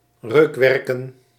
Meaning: plural of reukwerk
- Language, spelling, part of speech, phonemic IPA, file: Dutch, reukwerken, noun, /ˈrøkwɛrkə(n)/, Nl-reukwerken.ogg